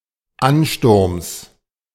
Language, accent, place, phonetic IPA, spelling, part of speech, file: German, Germany, Berlin, [ˈanˌʃtʊʁms], Ansturms, noun, De-Ansturms.ogg
- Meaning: genitive singular of Ansturm